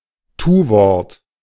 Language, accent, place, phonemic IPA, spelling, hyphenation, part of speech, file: German, Germany, Berlin, /ˈtuːˌvɔʁt/, Tuwort, Tu‧wort, noun, De-Tuwort.ogg
- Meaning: verb